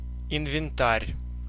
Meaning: inventory, stock
- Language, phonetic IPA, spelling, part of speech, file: Russian, [ɪnvʲɪnˈtarʲ], инвентарь, noun, Ru-инвентарь.ogg